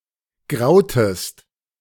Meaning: inflection of grauen: 1. second-person singular preterite 2. second-person singular subjunctive II
- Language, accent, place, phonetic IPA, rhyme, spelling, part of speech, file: German, Germany, Berlin, [ˈɡʁaʊ̯təst], -aʊ̯təst, grautest, verb, De-grautest.ogg